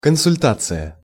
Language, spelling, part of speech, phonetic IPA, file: Russian, консультация, noun, [kənsʊlʲˈtat͡sɨjə], Ru-консультация.ogg
- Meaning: 1. consultation, advice 2. tutorial 3. consulting room, advisory board, advice bureau, guidance centre